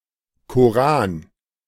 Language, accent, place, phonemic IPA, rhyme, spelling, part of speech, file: German, Germany, Berlin, /koˈʁaːn/, -aːn, Koran, noun, De-Koran.ogg
- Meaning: Qur'an